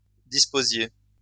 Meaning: inflection of disposer: 1. second-person plural imperfect indicative 2. second-person plural present subjunctive
- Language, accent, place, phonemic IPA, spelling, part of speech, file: French, France, Lyon, /dis.po.zje/, disposiez, verb, LL-Q150 (fra)-disposiez.wav